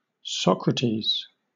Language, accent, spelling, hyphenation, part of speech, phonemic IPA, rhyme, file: English, Southern England, Socrates, Soc‧ra‧tes, proper noun, /ˈsɒkɹətiːz/, -iːz, LL-Q1860 (eng)-Socrates.wav
- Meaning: 1. A male given name from Ancient Greek 2. A male given name from Ancient Greek.: The Greek philosopher, 470–399 BC